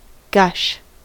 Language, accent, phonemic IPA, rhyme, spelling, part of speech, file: English, US, /ˈɡʌʃ/, -ʌʃ, gush, noun / verb, En-us-gush.ogg
- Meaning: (noun) A sudden rapid outflow; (verb) 1. To flow forth suddenly, in great volume 2. To send (something) flowing forth suddenly in great volume 3. To ejaculate during orgasm